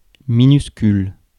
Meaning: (adjective) 1. tiny, minute, minuscule 2. lowercase; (noun) a minuscule, a lower case
- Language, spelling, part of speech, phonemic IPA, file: French, minuscule, adjective / noun, /mi.nys.kyl/, Fr-minuscule.ogg